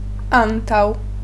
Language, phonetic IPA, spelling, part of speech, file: Polish, [ˈãntaw], antał, noun, Pl-antał.ogg